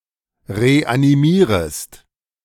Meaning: second-person singular subjunctive I of reanimieren
- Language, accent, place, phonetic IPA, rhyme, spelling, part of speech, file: German, Germany, Berlin, [ʁeʔaniˈmiːʁəst], -iːʁəst, reanimierest, verb, De-reanimierest.ogg